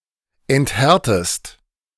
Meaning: inflection of enthärten: 1. second-person singular present 2. second-person singular subjunctive I
- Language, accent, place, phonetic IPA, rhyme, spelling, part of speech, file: German, Germany, Berlin, [ɛntˈhɛʁtəst], -ɛʁtəst, enthärtest, verb, De-enthärtest.ogg